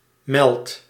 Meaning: inflection of melden: 1. first-person singular present indicative 2. second-person singular present indicative 3. imperative
- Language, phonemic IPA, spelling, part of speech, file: Dutch, /mɛlt/, meld, verb, Nl-meld.ogg